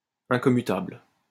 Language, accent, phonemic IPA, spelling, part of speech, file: French, France, /ɛ̃.kɔ.my.tabl/, incommutable, adjective, LL-Q150 (fra)-incommutable.wav
- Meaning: incommutable